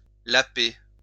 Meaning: to lap (a liquid)
- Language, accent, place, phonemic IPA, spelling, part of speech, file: French, France, Lyon, /la.pe/, laper, verb, LL-Q150 (fra)-laper.wav